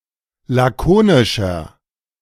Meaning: inflection of lakonisch: 1. strong/mixed nominative masculine singular 2. strong genitive/dative feminine singular 3. strong genitive plural
- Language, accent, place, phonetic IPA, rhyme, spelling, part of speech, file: German, Germany, Berlin, [ˌlaˈkoːnɪʃɐ], -oːnɪʃɐ, lakonischer, adjective, De-lakonischer.ogg